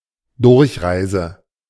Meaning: transit, journey through
- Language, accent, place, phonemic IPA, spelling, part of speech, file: German, Germany, Berlin, /ˈdʊʁçˌʁaɪ̯zə/, Durchreise, noun, De-Durchreise.ogg